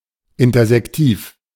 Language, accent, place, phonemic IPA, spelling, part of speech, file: German, Germany, Berlin, /ˌɪntɐzɛkˈtiːf/, intersektiv, adjective, De-intersektiv.ogg
- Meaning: intersective